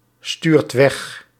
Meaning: inflection of wegsturen: 1. second/third-person singular present indicative 2. plural imperative
- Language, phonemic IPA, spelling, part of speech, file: Dutch, /ˈstyrt ˈwɛx/, stuurt weg, verb, Nl-stuurt weg.ogg